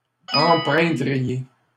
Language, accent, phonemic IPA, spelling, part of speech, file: French, Canada, /ɑ̃.pʁɛ̃.dʁi.je/, empreindriez, verb, LL-Q150 (fra)-empreindriez.wav
- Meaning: second-person plural conditional of empreindre